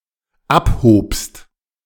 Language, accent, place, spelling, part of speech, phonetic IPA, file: German, Germany, Berlin, abhobst, verb, [ˈapˌhoːpst], De-abhobst.ogg
- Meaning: second-person singular dependent preterite of abheben